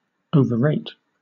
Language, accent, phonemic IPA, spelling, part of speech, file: English, Southern England, /ˌəʊvəˈɹeɪt/, overrate, verb / noun, LL-Q1860 (eng)-overrate.wav
- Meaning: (verb) 1. To esteem too highly; to give greater praise than due 2. To overstate or overestimate in amount, extent, degree, etc; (noun) An excessive estimate or rate